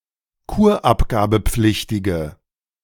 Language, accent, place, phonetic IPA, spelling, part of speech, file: German, Germany, Berlin, [ˈkuːɐ̯ʔapɡaːbəˌp͡flɪçtɪɡə], kurabgabepflichtige, adjective, De-kurabgabepflichtige.ogg
- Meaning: inflection of kurabgabepflichtig: 1. strong/mixed nominative/accusative feminine singular 2. strong nominative/accusative plural 3. weak nominative all-gender singular